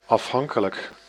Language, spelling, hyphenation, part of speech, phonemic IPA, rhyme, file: Dutch, afhankelijk, af‧han‧ke‧lijk, adjective, /ɑfˈɦɑŋ.kə.lək/, -ɑŋkələk, Nl-afhankelijk.ogg
- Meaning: 1. dependent (on other for help or support) 2. depending (on circumstances in order to become determined)